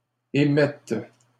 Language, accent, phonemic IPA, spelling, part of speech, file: French, Canada, /e.mɛt/, émettes, verb, LL-Q150 (fra)-émettes.wav
- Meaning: second-person singular present subjunctive of émettre